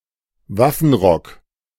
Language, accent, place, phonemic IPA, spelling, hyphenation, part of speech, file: German, Germany, Berlin, /ˈvafn̩ˌʁɔk/, Waffenrock, Waf‧fen‧rock, noun, De-Waffenrock.ogg
- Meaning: 1. tunic of a knight 2. military uniform